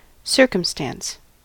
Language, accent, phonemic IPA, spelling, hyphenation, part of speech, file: English, US, /ˈsɝ.kəmˌstæns/, circumstance, cir‧cum‧stance, noun / verb, En-us-circumstance.ogg
- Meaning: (noun) 1. Something which is related to, or in some way affects, a fact or event 2. An event; a fact; a particular incident, occurrence, or condition (status)